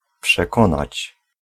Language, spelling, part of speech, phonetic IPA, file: Polish, przekonać, verb, [pʃɛˈkɔ̃nat͡ɕ], Pl-przekonać.ogg